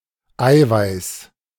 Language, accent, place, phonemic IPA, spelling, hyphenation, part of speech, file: German, Germany, Berlin, /ˈaɪ̯vaɪ̯s/, Eiweiß, Ei‧weiß, noun, De-Eiweiß.ogg
- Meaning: 1. albumen, egg white 2. protein